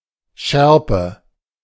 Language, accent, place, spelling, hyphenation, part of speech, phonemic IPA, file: German, Germany, Berlin, Schärpe, Schär‧pe, noun, /ˈʃɛʁpə/, De-Schärpe.ogg
- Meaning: sash (decorative length of cloth)